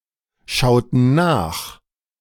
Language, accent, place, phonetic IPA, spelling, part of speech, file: German, Germany, Berlin, [ˌʃaʊ̯tn̩ ˈnaːx], schauten nach, verb, De-schauten nach.ogg
- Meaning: inflection of nachschauen: 1. first/third-person plural preterite 2. first/third-person plural subjunctive II